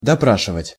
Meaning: to interrogate
- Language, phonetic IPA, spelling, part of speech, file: Russian, [dɐˈpraʂɨvətʲ], допрашивать, verb, Ru-допрашивать.ogg